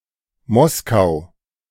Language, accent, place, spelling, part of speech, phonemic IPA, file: German, Germany, Berlin, Moskau, proper noun, /ˈmɔs.kaʊ̯/, De-Moskau.ogg
- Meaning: Moscow (a federal city, the capital of Russia)